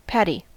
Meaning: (noun) 1. Rough or unhusked rice, either before it is milled or as a crop to be harvested 2. A paddy field, a rice paddy; an irrigated or flooded field where rice is grown
- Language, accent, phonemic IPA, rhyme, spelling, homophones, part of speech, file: English, US, /ˈpædi/, -ædi, paddy, Paddy, noun / adjective, En-us-paddy.ogg